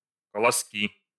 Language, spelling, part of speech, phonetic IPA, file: Russian, колоски, noun, [kəɫɐˈskʲi], Ru-колоски.ogg
- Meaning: nominative/accusative plural of колосо́к (kolosók)